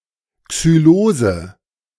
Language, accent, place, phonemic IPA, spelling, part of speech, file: German, Germany, Berlin, /ksyˈloːzə/, Xylose, noun, De-Xylose.ogg
- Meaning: xylose (wood sugar)